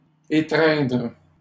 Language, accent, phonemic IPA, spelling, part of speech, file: French, Canada, /e.tʁɛ̃dʁ/, étreindre, verb, LL-Q150 (fra)-étreindre.wav
- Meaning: 1. to hug (embrace) 2. to clutch, grip